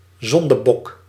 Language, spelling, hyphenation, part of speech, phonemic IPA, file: Dutch, zondebok, zon‧de‧bok, noun, /ˈzɔn.dəˌbɔk/, Nl-zondebok.ogg
- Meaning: scapegoat